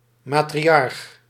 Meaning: matriarch
- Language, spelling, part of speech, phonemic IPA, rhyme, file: Dutch, matriarch, noun, /ˌmaː.triˈɑrx/, -ɑrx, Nl-matriarch.ogg